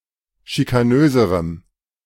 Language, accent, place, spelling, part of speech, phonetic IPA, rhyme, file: German, Germany, Berlin, schikanöserem, adjective, [ʃikaˈnøːzəʁəm], -øːzəʁəm, De-schikanöserem.ogg
- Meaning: strong dative masculine/neuter singular comparative degree of schikanös